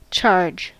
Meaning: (noun) 1. The amount of money levied for a service 2. An attack in which combatants rush towards an enemy in an attempt to engage in close combat 3. A forceful forward movement
- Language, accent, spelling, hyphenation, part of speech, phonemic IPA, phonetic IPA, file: English, US, charge, charge, noun / verb, /ˈt͡ʃɑɹd͡ʒ/, [ˈt͡ʃʰɑɹd͡ʒ], En-us-charge.ogg